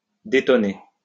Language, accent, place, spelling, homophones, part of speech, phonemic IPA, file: French, France, Lyon, détonner, détoner, verb, /de.tɔ.ne/, LL-Q150 (fra)-détonner.wav
- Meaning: 1. to sing out of tune 2. to stick out, to stick out like a sore thumb